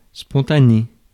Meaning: 1. spontaneous, self-generated (happening without any apparent external cause) 2. spontaneous, natural, unforced
- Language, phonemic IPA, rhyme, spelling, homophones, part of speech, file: French, /spɔ̃.ta.ne/, -e, spontané, spontanée / spontanées / spontanés, adjective, Fr-spontané.ogg